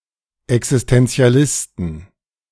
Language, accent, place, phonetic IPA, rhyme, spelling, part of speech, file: German, Germany, Berlin, [ɛksɪstɛnt͡si̯aˈlɪstn̩], -ɪstn̩, Existentialisten, noun, De-Existentialisten.ogg
- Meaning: inflection of Existentialist: 1. genitive/dative/accusative singular 2. nominative/genitive/dative/accusative plural